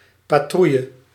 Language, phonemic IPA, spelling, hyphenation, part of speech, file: Dutch, /ˌpaːˈtru.jə/, patrouille, pa‧trouil‧le, noun, Nl-patrouille.ogg
- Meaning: 1. patrol (going of the rounds) 2. patrol (group of guards doing rounds)